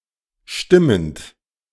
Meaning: present participle of stimmen
- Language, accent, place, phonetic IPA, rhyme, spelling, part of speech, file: German, Germany, Berlin, [ˈʃtɪmənt], -ɪmənt, stimmend, verb, De-stimmend.ogg